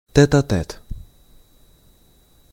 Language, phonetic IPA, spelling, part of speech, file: Russian, [ˌtɛt‿ɐ‿ˈtɛt], тет-а-тет, adverb / noun, Ru-тет-а-тет.ogg
- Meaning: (adverb) tête-à-tête, face to face (in person); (noun) tête-à-tête (a face-to-face meeting, or private conversation between two people)